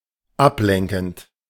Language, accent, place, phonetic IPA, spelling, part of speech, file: German, Germany, Berlin, [ˈapˌlɛŋkn̩t], ablenkend, verb, De-ablenkend.ogg
- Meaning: present participle of ablenken